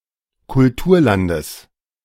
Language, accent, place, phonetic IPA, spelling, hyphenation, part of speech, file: German, Germany, Berlin, [kʊlˈtuːɐ̯ˌlandəs], Kulturlandes, Kul‧tur‧lan‧des, noun, De-Kulturlandes.ogg
- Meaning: genitive singular of Kulturland